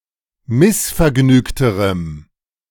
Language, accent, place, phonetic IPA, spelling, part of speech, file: German, Germany, Berlin, [ˈmɪsfɛɐ̯ˌɡnyːktəʁəm], missvergnügterem, adjective, De-missvergnügterem.ogg
- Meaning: strong dative masculine/neuter singular comparative degree of missvergnügt